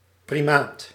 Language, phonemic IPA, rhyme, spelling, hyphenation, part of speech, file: Dutch, /priˈmaːt/, -aːt, primaat, pri‧maat, noun, Nl-primaat.ogg
- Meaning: 1. primate, high-ranking clergyman 2. primate, any member of the order Primates 3. primacy, being first